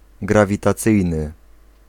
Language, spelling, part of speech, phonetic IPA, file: Polish, grawitacyjny, adjective, [ˌɡravʲitaˈt͡sɨjnɨ], Pl-grawitacyjny.ogg